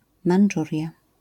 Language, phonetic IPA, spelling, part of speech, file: Polish, [mãn͇ˈd͡ʒurʲja], Mandżuria, proper noun, LL-Q809 (pol)-Mandżuria.wav